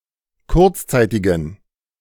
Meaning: inflection of kurzzeitig: 1. strong genitive masculine/neuter singular 2. weak/mixed genitive/dative all-gender singular 3. strong/weak/mixed accusative masculine singular 4. strong dative plural
- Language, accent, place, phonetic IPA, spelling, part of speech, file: German, Germany, Berlin, [ˈkʊʁt͡sˌt͡saɪ̯tɪɡn̩], kurzzeitigen, adjective, De-kurzzeitigen.ogg